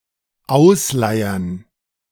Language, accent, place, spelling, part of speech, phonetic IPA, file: German, Germany, Berlin, ausleiern, verb, [ˈaʊ̯sˌlaɪ̯ɐn], De-ausleiern.ogg
- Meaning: 1. to wear out (get wider or lose) 2. to get baggy (cloth) 3. to lose its stretch